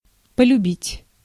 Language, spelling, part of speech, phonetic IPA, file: Russian, полюбить, verb, [pəlʲʉˈbʲitʲ], Ru-полюбить.ogg
- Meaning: to fall in love with, to grow fond of